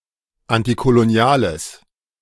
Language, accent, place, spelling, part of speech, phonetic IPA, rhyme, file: German, Germany, Berlin, antikoloniales, adjective, [ˌantikoloˈni̯aːləs], -aːləs, De-antikoloniales.ogg
- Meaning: strong/mixed nominative/accusative neuter singular of antikolonial